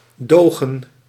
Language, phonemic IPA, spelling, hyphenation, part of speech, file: Dutch, /ˈdoːɣə(n)/, dogen, do‧gen, verb, Nl-dogen.ogg
- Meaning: 1. to suffer through, to endure 2. synonym of gedogen